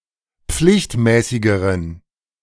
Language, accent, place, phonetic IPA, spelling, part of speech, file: German, Germany, Berlin, [ˈp͡flɪçtˌmɛːsɪɡəʁən], pflichtmäßigeren, adjective, De-pflichtmäßigeren.ogg
- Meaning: inflection of pflichtmäßig: 1. strong genitive masculine/neuter singular comparative degree 2. weak/mixed genitive/dative all-gender singular comparative degree